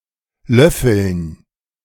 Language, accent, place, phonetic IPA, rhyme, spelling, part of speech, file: German, Germany, Berlin, [ˈlœfl̩n], -œfl̩n, Löffeln, noun, De-Löffeln.ogg
- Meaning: dative plural of Löffel